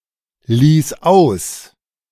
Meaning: first/third-person singular preterite of auslassen
- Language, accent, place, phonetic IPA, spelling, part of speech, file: German, Germany, Berlin, [ˌliːs ˈaʊ̯s], ließ aus, verb, De-ließ aus.ogg